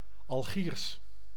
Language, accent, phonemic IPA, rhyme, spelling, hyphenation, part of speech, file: Dutch, Netherlands, /ɑlˈɣiːrs/, -iːrs, Algiers, Al‧giers, proper noun, Nl-Algiers.ogg
- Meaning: Algiers (the capital and largest city of Algeria)